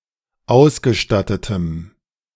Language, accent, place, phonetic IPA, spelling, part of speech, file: German, Germany, Berlin, [ˈaʊ̯sɡəˌʃtatətəm], ausgestattetem, adjective, De-ausgestattetem.ogg
- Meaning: strong dative masculine/neuter singular of ausgestattet